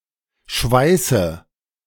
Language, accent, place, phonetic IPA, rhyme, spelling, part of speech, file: German, Germany, Berlin, [ˈʃvaɪ̯sə], -aɪ̯sə, Schweiße, noun, De-Schweiße.ogg
- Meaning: 1. nominative/accusative/genitive plural of Schweiß 2. dative singular of Schweiß